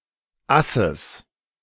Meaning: genitive singular of As
- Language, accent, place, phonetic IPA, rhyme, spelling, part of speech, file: German, Germany, Berlin, [ˈasəs], -asəs, Asses, noun, De-Asses.ogg